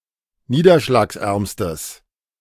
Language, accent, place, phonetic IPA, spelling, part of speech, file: German, Germany, Berlin, [ˈniːdɐʃlaːksˌʔɛʁmstəs], niederschlagsärmstes, adjective, De-niederschlagsärmstes.ogg
- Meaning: strong/mixed nominative/accusative neuter singular superlative degree of niederschlagsarm